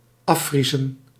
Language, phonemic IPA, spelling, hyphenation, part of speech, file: Dutch, /ˈɑˌfri.zə(n)/, afvriezen, af‧vrie‧zen, verb, Nl-afvriezen.ogg
- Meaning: to freeze off